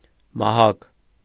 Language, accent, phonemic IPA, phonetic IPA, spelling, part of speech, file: Armenian, Eastern Armenian, /mɑˈhɑk/, [mɑhɑ́k], մահակ, noun, Hy-մահակ.ogg
- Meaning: club, cudgel, truncheon, baton